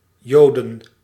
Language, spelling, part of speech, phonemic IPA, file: Dutch, Joden, noun, /ˈjodə(n)/, Nl-Joden.ogg
- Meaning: plural of Jood